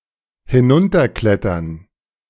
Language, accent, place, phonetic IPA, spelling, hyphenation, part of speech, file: German, Germany, Berlin, [hɪˈnʊntɐˌklɛtɐn], hinunterklettern, hi‧n‧un‧ter‧klet‧tern, verb, De-hinunterklettern.ogg
- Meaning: to climb down (away from speaker)